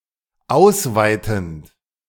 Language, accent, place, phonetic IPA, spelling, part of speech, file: German, Germany, Berlin, [ˈaʊ̯sˌvaɪ̯tn̩t], ausweitend, verb, De-ausweitend.ogg
- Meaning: present participle of ausweiten